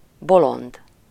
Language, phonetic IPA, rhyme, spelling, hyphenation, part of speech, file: Hungarian, [ˈbolond], -ond, bolond, bo‧lond, adjective / noun, Hu-bolond.ogg
- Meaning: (adjective) 1. crazy 2. silly, foolish; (noun) 1. madman, lunatic 2. fool, idiot 3. mad, crazy (about the specified thing) 4. jester 5. synonym of futó (“bishop”)